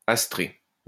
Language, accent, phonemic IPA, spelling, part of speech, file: French, France, /as.tʁe/, astrée, adjective, LL-Q150 (fra)-astrée.wav
- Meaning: feminine singular of astré